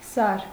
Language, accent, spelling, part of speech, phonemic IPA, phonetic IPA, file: Armenian, Eastern Armenian, սար, noun, /sɑɾ/, [sɑɾ], Hy-սար.ogg
- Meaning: mountain